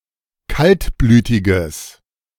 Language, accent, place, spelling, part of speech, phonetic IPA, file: German, Germany, Berlin, kaltblütiges, adjective, [ˈkaltˌblyːtɪɡəs], De-kaltblütiges.ogg
- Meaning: strong/mixed nominative/accusative neuter singular of kaltblütig